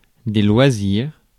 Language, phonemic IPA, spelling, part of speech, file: French, /lwa.ziʁ/, loisirs, noun, Fr-loisirs.ogg
- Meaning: 1. plural of loisir 2. recreation